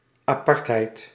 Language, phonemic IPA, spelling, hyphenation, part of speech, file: Dutch, /ˌaːˈpɑrt.ɦɛi̯t/, apartheid, apart‧heid, noun, Nl-apartheid.ogg
- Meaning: 1. the state of being separate; separateness 2. a characteristic that sets something or someone apart 3. the policy of racial segregation used in South Africa from 1948 to 1994; apartheid